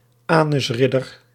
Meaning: fag
- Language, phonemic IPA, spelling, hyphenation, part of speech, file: Dutch, /ˈaː.nʏsˈrɪ.dər/, anusridder, anus‧rid‧der, noun, Nl-anusridder.ogg